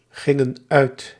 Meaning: inflection of uitgaan: 1. plural past indicative 2. plural past subjunctive
- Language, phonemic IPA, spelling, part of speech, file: Dutch, /ˈɣɪŋə(n) ˈœyt/, gingen uit, verb, Nl-gingen uit.ogg